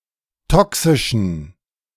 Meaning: inflection of toxisch: 1. strong genitive masculine/neuter singular 2. weak/mixed genitive/dative all-gender singular 3. strong/weak/mixed accusative masculine singular 4. strong dative plural
- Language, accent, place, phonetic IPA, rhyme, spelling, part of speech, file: German, Germany, Berlin, [ˈtɔksɪʃn̩], -ɔksɪʃn̩, toxischen, adjective, De-toxischen.ogg